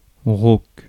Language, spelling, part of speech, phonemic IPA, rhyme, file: French, rauque, adjective / verb, /ʁoːk/, -ok, Fr-rauque.ogg
- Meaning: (adjective) hoarse, raspy (afflicted by a dry, quite harsh voice); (verb) inflection of rauquer: 1. first/third-person singular present indicative/subjunctive 2. second-person singular imperative